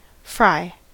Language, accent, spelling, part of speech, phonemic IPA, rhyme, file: English, US, fry, verb / noun, /fɹaɪ/, -aɪ, En-us-fry.ogg
- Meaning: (verb) A method of cooking food.: 1. To cook (something) in hot fat 2. To cook in hot fat 3. To simmer; to boil